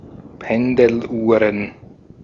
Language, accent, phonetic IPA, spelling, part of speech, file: German, Austria, [ˈpɛndl̩ˌʔuːʁən], Pendeluhren, noun, De-at-Pendeluhren.ogg
- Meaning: plural of Pendeluhr